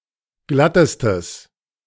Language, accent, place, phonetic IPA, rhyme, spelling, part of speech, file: German, Germany, Berlin, [ˈɡlatəstəs], -atəstəs, glattestes, adjective, De-glattestes.ogg
- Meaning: strong/mixed nominative/accusative neuter singular superlative degree of glatt